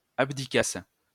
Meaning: first-person singular imperfect subjunctive of abdiquer
- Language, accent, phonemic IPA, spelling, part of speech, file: French, France, /ab.di.kas/, abdiquasse, verb, LL-Q150 (fra)-abdiquasse.wav